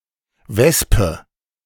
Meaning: wasp (insect)
- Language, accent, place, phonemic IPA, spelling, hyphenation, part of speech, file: German, Germany, Berlin, /ˈvɛspə/, Wespe, Wes‧pe, noun, De-Wespe.ogg